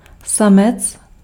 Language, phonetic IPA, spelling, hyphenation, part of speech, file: Czech, [ˈsamɛt͡s], samec, sa‧mec, noun, Cs-samec.ogg
- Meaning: 1. male (animal) 2. severe frost